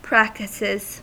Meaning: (noun) plural of practice; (verb) third-person singular simple present indicative of practice
- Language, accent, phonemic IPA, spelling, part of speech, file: English, US, /ˈpɹæktɪsɪz/, practices, noun / verb, En-us-practices.ogg